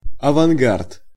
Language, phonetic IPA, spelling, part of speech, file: Russian, [ɐvɐnˈɡart], авангард, noun, Ru-авангард.ogg
- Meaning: vanguard, avant-garde, advance guard